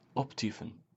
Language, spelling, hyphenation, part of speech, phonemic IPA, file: Dutch, optyfen, op‧ty‧fen, verb, /ˈɔpˌti.fə(n)/, Nl-optyfen.ogg
- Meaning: to fuck off